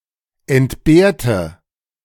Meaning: inflection of entbehren: 1. first/third-person singular preterite 2. first/third-person singular subjunctive II
- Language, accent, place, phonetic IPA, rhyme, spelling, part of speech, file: German, Germany, Berlin, [ɛntˈbeːɐ̯tə], -eːɐ̯tə, entbehrte, adjective / verb, De-entbehrte.ogg